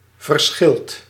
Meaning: inflection of verschillen: 1. second/third-person singular present indicative 2. plural imperative
- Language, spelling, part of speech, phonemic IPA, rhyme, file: Dutch, verschilt, verb, /vər.ˈsxɪlt/, -ɪlt, Nl-verschilt.ogg